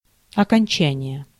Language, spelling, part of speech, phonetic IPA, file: Russian, окончание, noun, [ɐkɐnʲˈt͡ɕænʲɪje], Ru-окончание.ogg
- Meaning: 1. end, close, termination, completion, conclusion 2. graduation 3. ending, inflection 4. finishing